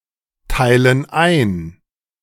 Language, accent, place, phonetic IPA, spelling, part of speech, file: German, Germany, Berlin, [ˌtaɪ̯lən ˈaɪ̯n], teilen ein, verb, De-teilen ein.ogg
- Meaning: inflection of einteilen: 1. first/third-person plural present 2. first/third-person plural subjunctive I